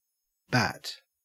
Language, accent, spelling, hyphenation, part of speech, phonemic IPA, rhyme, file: English, Australia, bat, bat, noun / verb, /bæt/, -æt, En-au-bat.ogg
- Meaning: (noun) 1. Any flying mammal of the order Chiroptera, usually small and nocturnal, insectivorous or frugivorous 2. An old woman